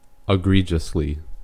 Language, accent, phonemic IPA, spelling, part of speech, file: English, US, /ɪˈɡɹid͡ʒəsli/, egregiously, adverb, En-us-egregiously.ogg
- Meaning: Conspicuously badly (used negatively)